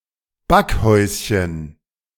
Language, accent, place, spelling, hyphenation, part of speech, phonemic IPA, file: German, Germany, Berlin, Backhäuschen, Back‧häus‧chen, noun, /ˈbakˌhɔʏ̯sçən/, De-Backhäuschen.ogg
- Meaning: diminutive of Backhaus